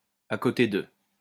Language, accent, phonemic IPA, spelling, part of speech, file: French, France, /a ko.te də/, à côté de, preposition, LL-Q150 (fra)-à côté de.wav
- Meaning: next to, besides, alongside